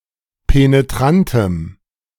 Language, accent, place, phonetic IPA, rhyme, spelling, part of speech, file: German, Germany, Berlin, [peneˈtʁantəm], -antəm, penetrantem, adjective, De-penetrantem.ogg
- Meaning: strong dative masculine/neuter singular of penetrant